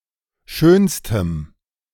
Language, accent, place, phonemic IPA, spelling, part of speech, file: German, Germany, Berlin, /ˈʃøːnstəm/, schönstem, adjective, De-schönstem.ogg
- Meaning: strong dative masculine/neuter singular superlative degree of schön